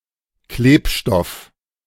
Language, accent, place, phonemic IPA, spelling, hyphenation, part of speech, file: German, Germany, Berlin, /ˈkleːpˌʃtɔf/, Klebstoff, Kleb‧stoff, noun, De-Klebstoff.ogg
- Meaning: 1. glue 2. adhesive, gum 3. goo